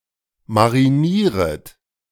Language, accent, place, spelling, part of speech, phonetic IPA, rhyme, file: German, Germany, Berlin, marinieret, verb, [maʁiˈniːʁət], -iːʁət, De-marinieret.ogg
- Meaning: second-person plural subjunctive I of marinieren